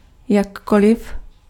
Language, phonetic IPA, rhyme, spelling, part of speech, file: Czech, [ˈjakolɪf], -olɪf, jakkoliv, adverb, Cs-jakkoliv.ogg
- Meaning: alternative form of jakkoli